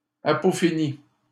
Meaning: apophenia
- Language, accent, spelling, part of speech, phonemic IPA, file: French, Canada, apophénie, noun, /a.pɔ.fe.ni/, LL-Q150 (fra)-apophénie.wav